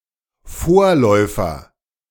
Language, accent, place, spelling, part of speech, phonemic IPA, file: German, Germany, Berlin, Vorläufer, noun, /ˈfoːɐ̯lɔɪ̯fɐ/, De-Vorläufer.ogg
- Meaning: 1. precursor, forerunner 2. progenitor 3. prequel